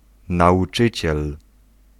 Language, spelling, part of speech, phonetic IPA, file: Polish, nauczyciel, noun, [ˌnaʷuˈt͡ʃɨt͡ɕɛl], Pl-nauczyciel.ogg